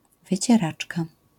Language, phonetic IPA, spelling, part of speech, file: Polish, [ˌvɨt͡ɕɛˈrat͡ʃka], wycieraczka, noun, LL-Q809 (pol)-wycieraczka.wav